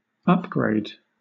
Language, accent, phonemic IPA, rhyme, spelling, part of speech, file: English, Southern England, /ˈʌp.ɡɹeɪd/, -eɪd, upgrade, noun, LL-Q1860 (eng)-upgrade.wav
- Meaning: 1. An upward grade or slope 2. An improved component or replacement item, usually applied to technology 3. An improvement